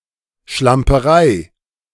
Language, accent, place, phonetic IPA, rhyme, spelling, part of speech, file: German, Germany, Berlin, [ʃlampəˈʁaɪ̯], -aɪ̯, Schlamperei, noun, De-Schlamperei.ogg
- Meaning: sloppiness, untidiness